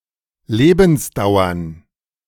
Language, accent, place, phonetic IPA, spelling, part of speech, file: German, Germany, Berlin, [ˈleːbn̩sˌdaʊ̯ɐn], Lebensdauern, noun, De-Lebensdauern.ogg
- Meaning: plural of Lebensdauer